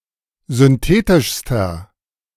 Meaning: inflection of synthetisch: 1. strong/mixed nominative masculine singular superlative degree 2. strong genitive/dative feminine singular superlative degree 3. strong genitive plural superlative degree
- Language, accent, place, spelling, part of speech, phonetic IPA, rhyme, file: German, Germany, Berlin, synthetischster, adjective, [zʏnˈteːtɪʃstɐ], -eːtɪʃstɐ, De-synthetischster.ogg